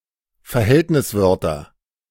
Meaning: nominative/accusative/genitive plural of Verhältniswort
- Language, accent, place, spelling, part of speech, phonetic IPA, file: German, Germany, Berlin, Verhältniswörter, noun, [fɛɐ̯ˈhɛltnɪsˌvœʁtɐ], De-Verhältniswörter.ogg